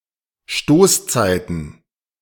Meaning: plural of Stoßzeit
- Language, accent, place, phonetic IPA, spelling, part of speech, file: German, Germany, Berlin, [ˈʃtoːsˌt͡saɪ̯tn̩], Stoßzeiten, noun, De-Stoßzeiten.ogg